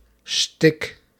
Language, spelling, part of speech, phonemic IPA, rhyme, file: Dutch, stik, verb / interjection, /stɪk/, -ɪk, Nl-stik.ogg
- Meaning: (verb) inflection of stikken: 1. first-person singular present indicative 2. second-person singular present indicative 3. imperative